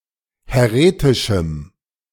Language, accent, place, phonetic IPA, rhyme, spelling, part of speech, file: German, Germany, Berlin, [hɛˈʁeːtɪʃm̩], -eːtɪʃm̩, häretischem, adjective, De-häretischem.ogg
- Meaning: strong dative masculine/neuter singular of häretisch